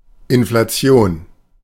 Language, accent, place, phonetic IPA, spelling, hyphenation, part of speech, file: German, Germany, Berlin, [ɪnflaˈt͡si̯oːn], Inflation, In‧fla‧ti‧on, noun, De-Inflation.ogg
- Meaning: inflation